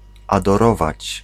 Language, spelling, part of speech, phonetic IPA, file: Polish, adorować, verb, [ˌadɔˈrɔvat͡ɕ], Pl-adorować.ogg